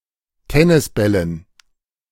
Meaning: dative plural of Tennisball
- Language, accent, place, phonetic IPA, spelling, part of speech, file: German, Germany, Berlin, [ˈtɛnɪsˌbɛlən], Tennisbällen, noun, De-Tennisbällen.ogg